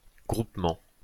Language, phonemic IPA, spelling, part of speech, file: French, /ɡʁup.mɑ̃/, groupement, noun, LL-Q150 (fra)-groupement.wav
- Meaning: 1. grouping 2. group